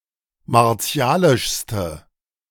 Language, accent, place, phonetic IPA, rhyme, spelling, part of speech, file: German, Germany, Berlin, [maʁˈt͡si̯aːlɪʃstə], -aːlɪʃstə, martialischste, adjective, De-martialischste.ogg
- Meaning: inflection of martialisch: 1. strong/mixed nominative/accusative feminine singular superlative degree 2. strong nominative/accusative plural superlative degree